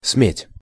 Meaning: to dare, to make bold, to be so bold as to
- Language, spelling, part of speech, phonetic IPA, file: Russian, сметь, verb, [smʲetʲ], Ru-сметь.ogg